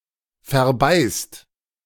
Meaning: inflection of verbeißen: 1. second-person plural present 2. plural imperative
- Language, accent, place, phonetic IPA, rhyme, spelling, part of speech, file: German, Germany, Berlin, [fɛɐ̯ˈbaɪ̯st], -aɪ̯st, verbeißt, verb, De-verbeißt.ogg